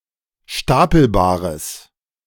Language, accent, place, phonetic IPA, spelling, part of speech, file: German, Germany, Berlin, [ˈʃtapl̩baːʁəs], stapelbares, adjective, De-stapelbares.ogg
- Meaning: strong/mixed nominative/accusative neuter singular of stapelbar